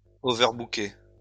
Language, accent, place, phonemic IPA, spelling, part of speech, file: French, France, Lyon, /ɔ.vœʁ.bu.ke/, overbooker, verb, LL-Q150 (fra)-overbooker.wav
- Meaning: to overbook